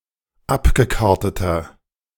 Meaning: inflection of abgekartet: 1. strong/mixed nominative masculine singular 2. strong genitive/dative feminine singular 3. strong genitive plural
- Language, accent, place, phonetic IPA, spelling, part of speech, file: German, Germany, Berlin, [ˈapɡəˌkaʁtətɐ], abgekarteter, adjective, De-abgekarteter.ogg